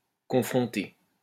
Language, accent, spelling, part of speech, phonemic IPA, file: French, France, confronter, verb, /kɔ̃.fʁɔ̃.te/, LL-Q150 (fra)-confronter.wav
- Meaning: 1. to confront 2. to contrast, to compare